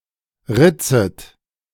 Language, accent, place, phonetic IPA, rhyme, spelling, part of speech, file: German, Germany, Berlin, [ˈʁɪt͡sət], -ɪt͡sət, ritzet, verb, De-ritzet.ogg
- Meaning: second-person plural subjunctive I of ritzen